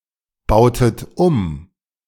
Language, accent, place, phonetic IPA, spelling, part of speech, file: German, Germany, Berlin, [ˌbaʊ̯tət ˈum], bautet um, verb, De-bautet um.ogg
- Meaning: inflection of umbauen: 1. second-person plural preterite 2. second-person plural subjunctive II